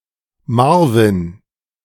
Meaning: a male given name
- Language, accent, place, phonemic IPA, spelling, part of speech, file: German, Germany, Berlin, /ˈmaʁvɪn/, Marvin, proper noun, De-Marvin.ogg